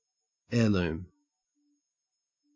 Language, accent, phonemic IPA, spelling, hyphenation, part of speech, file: English, Australia, /ˈeː.lʉːm/, heirloom, heir‧loom, noun, En-au-heirloom.ogg
- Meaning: A valued possession that has been passed down through the generations